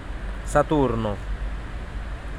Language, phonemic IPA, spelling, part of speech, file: Italian, /saˈturno/, Saturno, proper noun, It-Saturno.ogg